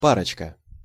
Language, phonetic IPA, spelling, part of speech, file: Russian, [ˈparət͡ɕkə], парочка, noun, Ru-парочка.ogg
- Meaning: diminutive of па́ра (pára)